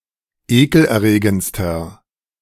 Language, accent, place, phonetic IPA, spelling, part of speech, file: German, Germany, Berlin, [ˈeːkl̩ʔɛɐ̯ˌʁeːɡənt͡stɐ], ekelerregendster, adjective, De-ekelerregendster.ogg
- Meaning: inflection of ekelerregend: 1. strong/mixed nominative masculine singular superlative degree 2. strong genitive/dative feminine singular superlative degree 3. strong genitive plural superlative degree